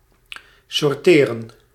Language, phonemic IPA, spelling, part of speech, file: Dutch, /sɔrˈteːrə(n)/, sorteren, verb, Nl-sorteren.ogg
- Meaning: to sort